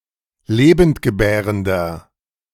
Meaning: inflection of lebendgebärend: 1. strong/mixed nominative masculine singular 2. strong genitive/dative feminine singular 3. strong genitive plural
- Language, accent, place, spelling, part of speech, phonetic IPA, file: German, Germany, Berlin, lebendgebärender, adjective, [ˈleːbəntɡəˌbɛːʁəndɐ], De-lebendgebärender.ogg